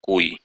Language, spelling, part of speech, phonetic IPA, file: Russian, куй, verb, [kuj], Ru-куй.ogg
- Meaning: second-person singular imperative imperfective of кова́ть (kovátʹ)